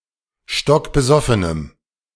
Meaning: strong dative masculine/neuter singular of stockbesoffen
- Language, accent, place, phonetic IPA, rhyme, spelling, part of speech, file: German, Germany, Berlin, [ˌʃtɔkbəˈzɔfənəm], -ɔfənəm, stockbesoffenem, adjective, De-stockbesoffenem.ogg